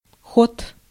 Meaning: 1. motion, movement, travel, progress, locomotion, headway 2. course, path, way, run 3. speed, rate, gait, pace 4. stroke (of a piston) 5. functioning, working, process, action 6. gear, thread, pitch
- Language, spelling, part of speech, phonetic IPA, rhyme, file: Russian, ход, noun, [xot], -ot, Ru-ход.ogg